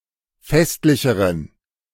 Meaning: inflection of festlich: 1. strong genitive masculine/neuter singular comparative degree 2. weak/mixed genitive/dative all-gender singular comparative degree
- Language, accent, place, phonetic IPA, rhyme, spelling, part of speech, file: German, Germany, Berlin, [ˈfɛstlɪçəʁən], -ɛstlɪçəʁən, festlicheren, adjective, De-festlicheren.ogg